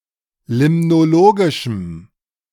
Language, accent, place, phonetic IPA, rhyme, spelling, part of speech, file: German, Germany, Berlin, [ˌlɪmnoˈloːɡɪʃm̩], -oːɡɪʃm̩, limnologischem, adjective, De-limnologischem.ogg
- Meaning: strong dative masculine/neuter singular of limnologisch